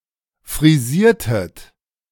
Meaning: inflection of frisieren: 1. second-person plural preterite 2. second-person plural subjunctive II
- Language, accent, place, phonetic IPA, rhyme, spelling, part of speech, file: German, Germany, Berlin, [fʁiˈziːɐ̯tət], -iːɐ̯tət, frisiertet, verb, De-frisiertet.ogg